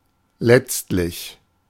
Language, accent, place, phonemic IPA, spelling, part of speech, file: German, Germany, Berlin, /ˈlɛtstlɪç/, letztlich, adverb, De-letztlich.ogg
- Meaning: 1. finally, ultimately 2. lastly, marks the last in a list of items or propositions